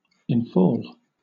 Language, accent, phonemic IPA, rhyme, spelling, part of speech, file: English, Southern England, /ɪnˈfɔːl/, -ɔːl, infall, verb, LL-Q1860 (eng)-infall.wav
- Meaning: 1. To fall in 2. To undergo infall